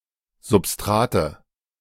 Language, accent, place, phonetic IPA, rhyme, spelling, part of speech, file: German, Germany, Berlin, [zʊpˈstʁaːtə], -aːtə, Substrate, noun, De-Substrate.ogg
- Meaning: nominative/accusative/genitive plural of Substrat